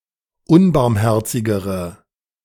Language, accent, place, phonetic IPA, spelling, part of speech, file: German, Germany, Berlin, [ˈʊnbaʁmˌhɛʁt͡sɪɡəʁə], unbarmherzigere, adjective, De-unbarmherzigere.ogg
- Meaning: inflection of unbarmherzig: 1. strong/mixed nominative/accusative feminine singular comparative degree 2. strong nominative/accusative plural comparative degree